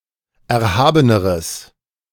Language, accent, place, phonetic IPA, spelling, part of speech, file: German, Germany, Berlin, [ˌɛɐ̯ˈhaːbənəʁəs], erhabeneres, adjective, De-erhabeneres.ogg
- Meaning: strong/mixed nominative/accusative neuter singular comparative degree of erhaben